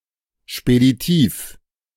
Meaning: quick, fast, speedy
- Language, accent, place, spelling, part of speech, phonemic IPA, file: German, Germany, Berlin, speditiv, adjective, /ʃpediˈtiːf/, De-speditiv.ogg